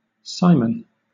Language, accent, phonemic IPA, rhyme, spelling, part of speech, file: English, Southern England, /ˈsaɪmən/, -aɪmən, Simon, proper noun / noun, LL-Q1860 (eng)-Simon.wav
- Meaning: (proper noun) 1. Name of any of a number of men in the New Testament, notably the original name of Apostle Peter 2. A male given name from Hebrew 3. A surname originating as a patronymic